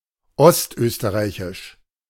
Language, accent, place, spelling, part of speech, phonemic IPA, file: German, Germany, Berlin, ostösterreichisch, adjective, /ˈɔstˌʔøːstəʁaɪ̯çɪʃ/, De-ostösterreichisch.ogg
- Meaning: East Austrian